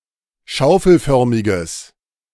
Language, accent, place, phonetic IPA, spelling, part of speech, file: German, Germany, Berlin, [ˈʃaʊ̯fl̩ˌfœʁmɪɡəs], schaufelförmiges, adjective, De-schaufelförmiges.ogg
- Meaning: strong/mixed nominative/accusative neuter singular of schaufelförmig